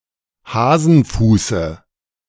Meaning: dative singular of Hasenfuß
- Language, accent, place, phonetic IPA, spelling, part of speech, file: German, Germany, Berlin, [ˈhaːzn̩ˌfuːsə], Hasenfuße, noun, De-Hasenfuße.ogg